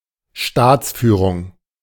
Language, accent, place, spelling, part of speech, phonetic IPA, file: German, Germany, Berlin, Staatsführung, noun, [ˈʃtaːt͡sˌfyːʁʊŋ], De-Staatsführung.ogg
- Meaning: 1. state leadership, leadership of a state 2. governance, type of governance